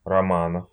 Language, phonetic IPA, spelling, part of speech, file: Russian, [rɐˈmanəf], романов, noun, Ru-рома́нов.ogg
- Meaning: genitive plural of рома́н (román)